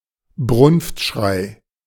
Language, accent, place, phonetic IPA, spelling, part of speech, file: German, Germany, Berlin, [ˈbʁʊnftˌʃʁaɪ̯], Brunftschrei, noun, De-Brunftschrei.ogg
- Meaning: rutting (mating) call